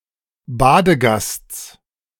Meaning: genitive singular of Badegast
- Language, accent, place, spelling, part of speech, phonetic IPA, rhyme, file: German, Germany, Berlin, Badegasts, noun, [ˈbaːdəˌɡast͡s], -aːdəɡast͡s, De-Badegasts.ogg